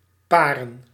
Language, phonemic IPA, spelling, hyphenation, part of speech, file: Dutch, /ˈpaː.rə(n)/, paren, pa‧ren, verb / noun, Nl-paren.ogg
- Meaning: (verb) 1. to pair 2. to mate, to copulate; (noun) plural of paar